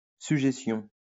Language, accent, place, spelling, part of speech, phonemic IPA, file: French, France, Lyon, sujétion, noun, /sy.ʒe.sjɔ̃/, LL-Q150 (fra)-sujétion.wav
- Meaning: 1. subjection 2. constraint